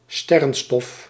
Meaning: 1. stardust 2. cosmic dust 3. cocaine, coke
- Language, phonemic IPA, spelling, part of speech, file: Dutch, /ˈstɛrə(n)ˌstɔf/, sterrenstof, noun, Nl-sterrenstof.ogg